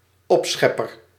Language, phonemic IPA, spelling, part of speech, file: Dutch, /ˈɔpsxɛpər/, opschepper, noun, Nl-opschepper.ogg
- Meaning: boaster, braggart